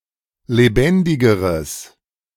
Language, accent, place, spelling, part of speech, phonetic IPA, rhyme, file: German, Germany, Berlin, lebendigeres, adjective, [leˈbɛndɪɡəʁəs], -ɛndɪɡəʁəs, De-lebendigeres.ogg
- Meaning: strong/mixed nominative/accusative neuter singular comparative degree of lebendig